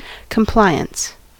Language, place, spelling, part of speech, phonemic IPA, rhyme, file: English, California, compliance, noun, /kəmˈplaɪ.əns/, -aɪəns, En-us-compliance.ogg
- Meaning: 1. An act of complying 2. The state of being compliant 3. The tendency of conforming with or agreeing to the wishes of others